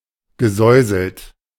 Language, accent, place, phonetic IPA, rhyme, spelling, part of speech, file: German, Germany, Berlin, [ɡəˈzɔɪ̯zl̩t], -ɔɪ̯zl̩t, gesäuselt, verb, De-gesäuselt.ogg
- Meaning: past participle of säuseln